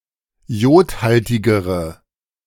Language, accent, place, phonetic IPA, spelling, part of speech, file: German, Germany, Berlin, [ˈjoːtˌhaltɪɡəʁə], jodhaltigere, adjective, De-jodhaltigere.ogg
- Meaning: inflection of jodhaltig: 1. strong/mixed nominative/accusative feminine singular comparative degree 2. strong nominative/accusative plural comparative degree